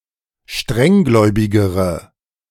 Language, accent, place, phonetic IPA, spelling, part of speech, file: German, Germany, Berlin, [ˈʃtʁɛŋˌɡlɔɪ̯bɪɡəʁə], strenggläubigere, adjective, De-strenggläubigere.ogg
- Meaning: inflection of strenggläubig: 1. strong/mixed nominative/accusative feminine singular comparative degree 2. strong nominative/accusative plural comparative degree